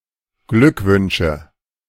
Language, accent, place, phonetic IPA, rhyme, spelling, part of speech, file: German, Germany, Berlin, [ˈɡlʏkˌvʏnʃə], -ʏkvʏnʃə, Glückwünsche, noun, De-Glückwünsche.ogg
- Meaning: nominative/accusative/genitive plural of Glückwunsch